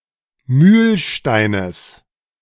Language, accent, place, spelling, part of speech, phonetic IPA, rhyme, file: German, Germany, Berlin, Mühlsteines, noun, [ˈmyːlˌʃtaɪ̯nəs], -yːlʃtaɪ̯nəs, De-Mühlsteines.ogg
- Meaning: genitive singular of Mühlstein